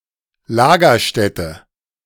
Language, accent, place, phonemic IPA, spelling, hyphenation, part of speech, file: German, Germany, Berlin, /ˈlaːɡɐˌʃtɛtə/, Lagerstätte, La‧ger‧stät‧te, noun, De-Lagerstätte.ogg
- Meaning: 1. deposit 2. repository